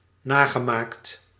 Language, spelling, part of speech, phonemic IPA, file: Dutch, nagemaakt, verb, /ˈnaɣəˌmakt/, Nl-nagemaakt.ogg
- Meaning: past participle of namaken